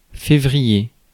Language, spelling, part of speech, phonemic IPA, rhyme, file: French, février, noun, /fe.vʁi.je/, -je, Fr-février.ogg
- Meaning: February